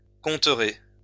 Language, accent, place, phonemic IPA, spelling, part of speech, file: French, France, Lyon, /kɔ̃.tʁe/, compterez, verb, LL-Q150 (fra)-compterez.wav
- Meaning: second-person plural future of compter